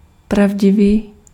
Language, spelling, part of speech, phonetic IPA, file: Czech, pravdivý, adjective, [ˈpravɟɪviː], Cs-pravdivý.ogg
- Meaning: true, truthful (of a statement)